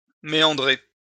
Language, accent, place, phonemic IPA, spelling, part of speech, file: French, France, Lyon, /me.ɑ̃.dʁe/, méandrer, verb, LL-Q150 (fra)-méandrer.wav
- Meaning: to meander (wind, turn or twist)